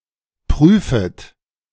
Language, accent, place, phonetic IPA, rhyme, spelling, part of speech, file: German, Germany, Berlin, [ˈpʁyːfət], -yːfət, prüfet, verb, De-prüfet.ogg
- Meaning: second-person plural subjunctive I of prüfen